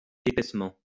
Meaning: thickly
- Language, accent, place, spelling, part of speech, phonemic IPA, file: French, France, Lyon, épaissement, adverb, /e.pɛs.mɑ̃/, LL-Q150 (fra)-épaissement.wav